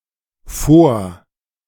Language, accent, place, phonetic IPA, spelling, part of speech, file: German, Germany, Berlin, [ˈfoːɐ̯], vor-, prefix, De-vor-.ogg
- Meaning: 1. pre- (denotes primarily that something is before or in front of another thing or higher in a hierarchy) 2. Separable verbal prefix indicating a presentation or performance